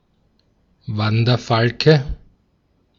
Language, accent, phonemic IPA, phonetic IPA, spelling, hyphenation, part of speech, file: German, Austria, /ˈvandərfalkə/, [ˈvandɐfalkə], Wanderfalke, Wan‧der‧fal‧ke, noun, De-at-Wanderfalke.ogg
- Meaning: peregrine falcon, Falco peregrinus